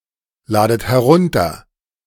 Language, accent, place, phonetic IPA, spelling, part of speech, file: German, Germany, Berlin, [ˌlaːdət hɛˈʁʊntɐ], ladet herunter, verb, De-ladet herunter.ogg
- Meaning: inflection of herunterladen: 1. second-person plural present 2. second-person plural subjunctive I 3. plural imperative